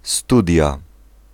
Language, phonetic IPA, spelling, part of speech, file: Polish, [ˈstudʲja], studia, noun, Pl-studia.ogg